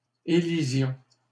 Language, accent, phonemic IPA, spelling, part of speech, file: French, Canada, /e.li.zjɔ̃/, élisions, noun / verb, LL-Q150 (fra)-élisions.wav
- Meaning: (noun) plural of élision; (verb) inflection of élire: 1. first-person plural imperfect indicative 2. first-person plural present subjunctive